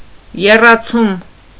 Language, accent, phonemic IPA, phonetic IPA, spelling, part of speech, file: Armenian, Eastern Armenian, /jerɑˈt͡sʰum/, [jerɑt͡sʰúm], եռացում, noun, Hy-եռացում.ogg
- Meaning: 1. boiling 2. welding